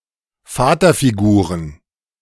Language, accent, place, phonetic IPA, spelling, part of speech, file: German, Germany, Berlin, [ˈfaːtɐfiˌɡuːʁən], Vaterfiguren, noun, De-Vaterfiguren.ogg
- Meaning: plural of Vaterfigur